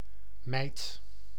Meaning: 1. mite (a tiny, arachnid bug) 2. stack, neatly laid pile 3. a former copper coin, 1/24 of a groot 4. pittance
- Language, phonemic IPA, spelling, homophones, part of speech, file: Dutch, /mɛi̯t/, mijt, meid / mijd / mijdt, noun, Nl-mijt.ogg